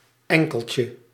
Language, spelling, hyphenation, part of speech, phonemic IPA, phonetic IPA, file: Dutch, enkeltje, en‧kel‧tje, noun, /ˈɛŋ.kəl.tjə/, [ˈɛŋ.kəl.cə], Nl-enkeltje.ogg
- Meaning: 1. one-way ticket, single ticket 2. diminutive of enkel